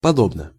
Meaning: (adverb) likewise (in like manner); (determiner) short neuter singular of подо́бный (podóbnyj)
- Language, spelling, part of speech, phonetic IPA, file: Russian, подобно, adverb / determiner, [pɐˈdobnə], Ru-подобно.ogg